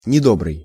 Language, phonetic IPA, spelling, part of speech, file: Russian, [nʲɪˈdobrɨj], недобрый, adjective, Ru-недобрый.ogg
- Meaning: 1. unkind, hostile 2. bad, wicked, evil